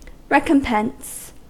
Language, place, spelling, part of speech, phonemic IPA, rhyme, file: English, California, recompense, noun / verb, /ˈɹɛkəmˌpɛns/, -ɛns, En-us-recompense.ogg
- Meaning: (noun) 1. An equivalent returned for anything given, done, or suffered; compensation; reward; amends; requital 2. That which compensates for an injury, or other type of harm or damage